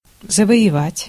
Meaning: 1. to conquer, to win 2. to gain
- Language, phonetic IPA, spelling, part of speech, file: Russian, [zəvə(j)ɪˈvatʲ], завоевать, verb, Ru-завоевать.ogg